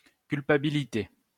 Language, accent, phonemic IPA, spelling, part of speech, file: French, France, /kyl.pa.bi.li.te/, culpabilité, noun, LL-Q150 (fra)-culpabilité.wav
- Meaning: 1. guilt; culpability (responsibility for wrongdoing) 2. guilt (feeling)